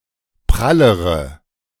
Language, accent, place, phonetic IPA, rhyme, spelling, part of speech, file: German, Germany, Berlin, [ˈpʁaləʁə], -aləʁə, prallere, adjective, De-prallere.ogg
- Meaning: inflection of prall: 1. strong/mixed nominative/accusative feminine singular comparative degree 2. strong nominative/accusative plural comparative degree